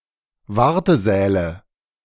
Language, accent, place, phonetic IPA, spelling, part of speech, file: German, Germany, Berlin, [ˈvaʁtəˌzɛːlə], Wartesäle, noun, De-Wartesäle.ogg
- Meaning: nominative/accusative/genitive plural of Wartesaal